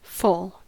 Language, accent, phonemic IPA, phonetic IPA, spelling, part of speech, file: English, US, /foʊl/, [foɫ], foal, noun / verb, En-us-foal.ogg
- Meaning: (noun) 1. A young horse or other equine, especially just after birth or less than a year old 2. A young boy who assisted the headsman by pushing or pulling the tub